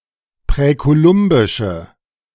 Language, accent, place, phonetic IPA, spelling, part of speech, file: German, Germany, Berlin, [pʁɛkoˈlʊmbɪʃə], präkolumbische, adjective, De-präkolumbische.ogg
- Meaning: inflection of präkolumbisch: 1. strong/mixed nominative/accusative feminine singular 2. strong nominative/accusative plural 3. weak nominative all-gender singular